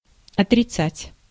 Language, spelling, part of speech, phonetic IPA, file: Russian, отрицать, verb, [ɐtrʲɪˈt͡satʲ], Ru-отрицать.ogg
- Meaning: 1. to deny (to assert that something is not true) 2. to refute, to repudiate, to negate